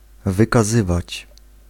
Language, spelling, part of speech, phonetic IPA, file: Polish, wykazywać, verb, [ˌvɨkaˈzɨvat͡ɕ], Pl-wykazywać.ogg